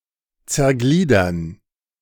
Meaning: 1. to dismember 2. to parse
- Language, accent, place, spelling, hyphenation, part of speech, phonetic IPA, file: German, Germany, Berlin, zergliedern, zer‧glie‧dern, verb, [t͡sɛɐ̯ˈɡliːdɐn], De-zergliedern.ogg